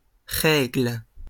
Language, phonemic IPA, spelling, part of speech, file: French, /ʁɛɡl/, règles, noun, LL-Q150 (fra)-règles.wav
- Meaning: plural of règle